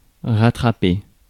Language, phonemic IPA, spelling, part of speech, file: French, /ʁa.tʁa.pe/, rattraper, verb, Fr-rattraper.ogg
- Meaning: 1. to get back (something which is lost) 2. to catch up (with) (arrive at the same level as) 3. to catch (e.g. an elevator)